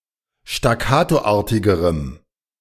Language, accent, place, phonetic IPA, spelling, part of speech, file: German, Germany, Berlin, [ʃtaˈkaːtoˌʔaːɐ̯tɪɡəʁəm], staccatoartigerem, adjective, De-staccatoartigerem.ogg
- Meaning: strong dative masculine/neuter singular comparative degree of staccatoartig